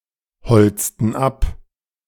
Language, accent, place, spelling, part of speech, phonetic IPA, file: German, Germany, Berlin, holzten ab, verb, [ˌhɔlt͡stn̩ ˈap], De-holzten ab.ogg
- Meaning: inflection of abholzen: 1. first/third-person plural preterite 2. first/third-person plural subjunctive II